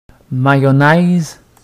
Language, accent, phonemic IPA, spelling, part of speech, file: French, Quebec, /ma.jɔ.nɛz/, mayonnaise, noun, Qc-mayonnaise.ogg
- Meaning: 1. mayonnaise 2. milkshake (accidental emulsion of oil and water in an engine)